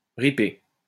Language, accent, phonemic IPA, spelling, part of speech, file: French, France, /ʁi.pe/, riper, verb, LL-Q150 (fra)-riper.wav
- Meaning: 1. to slip 2. to go away, to take off 3. to scrape